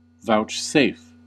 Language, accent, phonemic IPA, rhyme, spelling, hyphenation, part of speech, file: English, US, /ˌvaʊt͡ʃˈseɪf/, -eɪf, vouchsafe, vouch‧safe, verb, En-us-vouchsafe.ogg
- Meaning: 1. To graciously give, to condescendingly grant a right, benefit, outcome, etc.; to deign to acknowledge 2. To receive or accept in condescension 3. To disclose or divulge